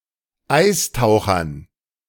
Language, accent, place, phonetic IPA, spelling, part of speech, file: German, Germany, Berlin, [ˈaɪ̯sˌtaʊ̯xɐn], Eistauchern, noun, De-Eistauchern.ogg
- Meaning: dative plural of Eistaucher